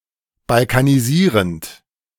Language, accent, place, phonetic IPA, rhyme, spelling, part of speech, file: German, Germany, Berlin, [balkaniˈziːʁənt], -iːʁənt, balkanisierend, verb, De-balkanisierend.ogg
- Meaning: present participle of balkanisieren